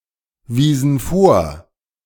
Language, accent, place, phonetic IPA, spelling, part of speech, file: German, Germany, Berlin, [ˌviːzn̩ ˈfoːɐ̯], wiesen vor, verb, De-wiesen vor.ogg
- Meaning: inflection of vorweisen: 1. first/third-person plural preterite 2. first/third-person plural subjunctive II